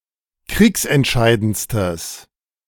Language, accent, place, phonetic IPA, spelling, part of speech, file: German, Germany, Berlin, [ˈkʁiːksɛntˌʃaɪ̯dənt͡stəs], kriegsentscheidendstes, adjective, De-kriegsentscheidendstes.ogg
- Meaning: strong/mixed nominative/accusative neuter singular superlative degree of kriegsentscheidend